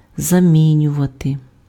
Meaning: to replace (something/somebody with something/somebody: щось/кого́сь (accusative) чи́мось/ки́мось (instrumental))
- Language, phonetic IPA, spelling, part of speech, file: Ukrainian, [zɐˈmʲinʲʊʋɐte], замінювати, verb, Uk-замінювати.ogg